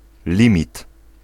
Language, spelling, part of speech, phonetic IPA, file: Polish, limit, noun, [ˈlʲĩmʲit], Pl-limit.ogg